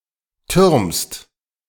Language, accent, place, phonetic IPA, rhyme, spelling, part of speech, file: German, Germany, Berlin, [tʏʁmst], -ʏʁmst, türmst, verb, De-türmst.ogg
- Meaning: second-person singular present of türmen